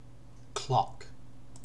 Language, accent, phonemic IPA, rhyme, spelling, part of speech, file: English, Received Pronunciation, /klɒk/, -ɒk, clock, noun / verb, En-uk-clock.ogg
- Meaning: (noun) 1. A chronometer, an instrument that measures time, particularly the time of day 2. A common noun relating to an instrument that measures or keeps track of time